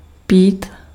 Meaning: 1. to drink (to take in liquid) 2. to drink (to take in alcoholic beverage)
- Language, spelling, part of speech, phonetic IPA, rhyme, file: Czech, pít, verb, [ˈpiːt], -iːt, Cs-pít.ogg